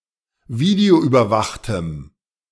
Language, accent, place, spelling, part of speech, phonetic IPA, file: German, Germany, Berlin, videoüberwachtem, adjective, [ˈviːdeoʔyːbɐˌvaxtəm], De-videoüberwachtem.ogg
- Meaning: strong dative masculine/neuter singular of videoüberwacht